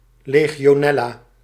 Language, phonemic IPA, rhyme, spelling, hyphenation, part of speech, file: Dutch, /ˌleː.ɣi.oːˈnɛ.laː/, -ɛlaː, legionella, le‧gi‧o‧nel‧la, noun, Nl-legionella.ogg
- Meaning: legionella, bacterium of the genus Legionella